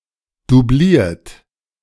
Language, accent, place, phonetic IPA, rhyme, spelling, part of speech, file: German, Germany, Berlin, [duˈbliːɐ̯t], -iːɐ̯t, dubliert, verb, De-dubliert.ogg
- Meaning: 1. past participle of dublieren 2. inflection of dublieren: third-person singular present 3. inflection of dublieren: second-person plural present 4. inflection of dublieren: plural imperative